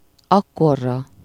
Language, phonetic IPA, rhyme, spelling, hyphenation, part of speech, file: Hungarian, [ˈɒkːorːɒ], -rɒ, akkorra, ak‧kor‧ra, adverb, Hu-akkorra.ogg
- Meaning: by that time, by then